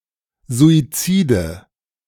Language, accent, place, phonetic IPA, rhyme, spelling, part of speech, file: German, Germany, Berlin, [zuiˈt͡siːdə], -iːdə, Suizide, noun, De-Suizide.ogg
- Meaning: nominative/accusative/genitive plural of Suizid